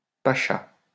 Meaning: pasha
- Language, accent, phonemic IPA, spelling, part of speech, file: French, France, /pa.ʃa/, pacha, noun, LL-Q150 (fra)-pacha.wav